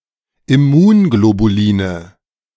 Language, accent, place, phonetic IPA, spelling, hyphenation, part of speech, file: German, Germany, Berlin, [ɪˈmuːnɡlobuˌliːnə], Immunglobuline, Im‧mun‧glo‧bu‧li‧ne, noun, De-Immunglobuline.ogg
- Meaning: nominative/accusative/genitive plural of Immunglobulin